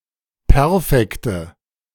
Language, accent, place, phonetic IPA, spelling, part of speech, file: German, Germany, Berlin, [ˈpɛʁfɛktə], Perfekte, noun, De-Perfekte.ogg
- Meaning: nominative/accusative/genitive plural of Perfekt